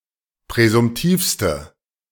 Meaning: inflection of präsumtiv: 1. strong/mixed nominative/accusative feminine singular superlative degree 2. strong nominative/accusative plural superlative degree
- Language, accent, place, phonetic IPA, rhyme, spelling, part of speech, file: German, Germany, Berlin, [pʁɛzʊmˈtiːfstə], -iːfstə, präsumtivste, adjective, De-präsumtivste.ogg